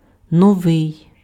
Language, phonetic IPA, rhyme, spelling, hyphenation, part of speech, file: Ukrainian, [nɔˈʋɪi̯], -ɪi̯, новий, но‧вий, adjective, Uk-новий.ogg
- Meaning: new